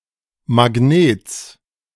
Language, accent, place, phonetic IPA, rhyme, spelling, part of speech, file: German, Germany, Berlin, [maˈɡneːt͡s], -eːt͡s, Magnets, noun, De-Magnets.ogg
- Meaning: genitive singular of Magnet